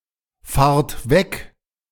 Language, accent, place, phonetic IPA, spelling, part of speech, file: German, Germany, Berlin, [ˌfaːɐ̯t ˈvɛk], fahrt weg, verb, De-fahrt weg.ogg
- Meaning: inflection of wegfahren: 1. second-person plural present 2. plural imperative